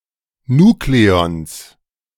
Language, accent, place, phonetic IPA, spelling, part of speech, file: German, Germany, Berlin, [ˈnuːkleɔns], Nukleons, noun, De-Nukleons.ogg
- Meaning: plural of Nukleon